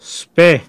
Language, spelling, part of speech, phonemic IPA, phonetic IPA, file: Pashto, سپی, noun, /spe(ː)/, [spa̟ɪ̯], Dog-YusafzaiDialect.ogg
- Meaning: dog